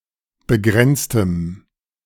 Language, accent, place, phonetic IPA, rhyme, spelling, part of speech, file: German, Germany, Berlin, [bəˈɡʁɛnt͡stəm], -ɛnt͡stəm, begrenztem, adjective, De-begrenztem.ogg
- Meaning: strong dative masculine/neuter singular of begrenzt